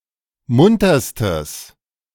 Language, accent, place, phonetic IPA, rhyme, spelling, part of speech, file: German, Germany, Berlin, [ˈmʊntɐstəs], -ʊntɐstəs, munterstes, adjective, De-munterstes.ogg
- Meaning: strong/mixed nominative/accusative neuter singular superlative degree of munter